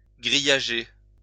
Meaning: to enclose with wire netting
- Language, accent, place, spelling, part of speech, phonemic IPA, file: French, France, Lyon, grillager, verb, /ɡʁi.ja.ʒe/, LL-Q150 (fra)-grillager.wav